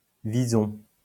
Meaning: mink
- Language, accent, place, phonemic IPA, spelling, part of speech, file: French, France, Lyon, /vi.zɔ̃/, vison, noun, LL-Q150 (fra)-vison.wav